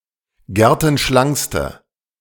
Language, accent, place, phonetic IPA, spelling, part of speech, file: German, Germany, Berlin, [ˈɡɛʁtn̩ˌʃlaŋkstə], gertenschlankste, adjective, De-gertenschlankste.ogg
- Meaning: inflection of gertenschlank: 1. strong/mixed nominative/accusative feminine singular superlative degree 2. strong nominative/accusative plural superlative degree